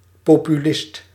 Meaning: 1. populist (advocate or supporter of political populism, asserting that elites are out of touch with the common people) 2. demagogue
- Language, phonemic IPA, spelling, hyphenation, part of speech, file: Dutch, /ˌpoːpyˈlɪst/, populist, po‧pu‧list, noun, Nl-populist.ogg